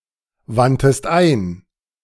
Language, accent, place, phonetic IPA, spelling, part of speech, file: German, Germany, Berlin, [ˌvantəst ˈaɪ̯n], wandtest ein, verb, De-wandtest ein.ogg
- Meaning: 1. first-person singular preterite of einwenden 2. third-person singular preterite of einwenden# second-person singular preterite of einwenden